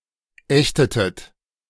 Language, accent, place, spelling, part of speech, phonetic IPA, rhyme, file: German, Germany, Berlin, ächtetet, verb, [ˈɛçtətət], -ɛçtətət, De-ächtetet.ogg
- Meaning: inflection of ächten: 1. second-person plural preterite 2. second-person plural subjunctive II